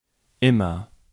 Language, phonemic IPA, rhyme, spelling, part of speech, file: German, /ˈɪmɐ/, -ɪmɐ, immer, adverb, De-immer.ogg
- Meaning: 1. always: at all times without exception 2. always: very often; all the time; constantly 3. always: every time; whenever some precondition is given 4. to a greater degree over time, more and more